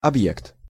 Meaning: 1. object (general sense) 2. enterprise, institution, facility (place of economic or industrial activity) 3. object
- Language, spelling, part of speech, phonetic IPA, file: Russian, объект, noun, [ɐbˈjekt], Ru-объект.ogg